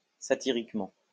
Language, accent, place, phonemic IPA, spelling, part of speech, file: French, France, Lyon, /sa.ti.ʁik.mɑ̃/, satiriquement, adverb, LL-Q150 (fra)-satiriquement.wav
- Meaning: satirically